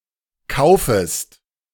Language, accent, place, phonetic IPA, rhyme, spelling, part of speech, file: German, Germany, Berlin, [ˈkaʊ̯fəst], -aʊ̯fəst, kaufest, verb, De-kaufest.ogg
- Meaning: second-person singular subjunctive I of kaufen